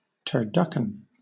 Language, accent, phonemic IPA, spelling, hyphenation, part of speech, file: English, Southern England, /tɜːˈdʌk(ə)n/, turducken, tur‧duck‧en, noun, LL-Q1860 (eng)-turducken.wav
- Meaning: A dish, usually roasted, consisting of a deboned turkey stuffed with a deboned duck that has been stuffed with a small deboned chicken, and also containing stuffing